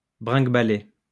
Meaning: 1. to sound, ring, chime, ding 2. to ring, sound, chime 3. to rattle 4. to rattle along, rattle about (move, making a rattling or jolting sound)
- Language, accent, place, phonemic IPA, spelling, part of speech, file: French, France, Lyon, /bʁɛ̃ɡ.ba.le/, bringuebaler, verb, LL-Q150 (fra)-bringuebaler.wav